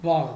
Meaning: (adjective) early
- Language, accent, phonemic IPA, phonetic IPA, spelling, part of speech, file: Armenian, Eastern Armenian, /vɑʁ/, [vɑʁ], վաղ, adjective / adverb, Hy-վաղ.ogg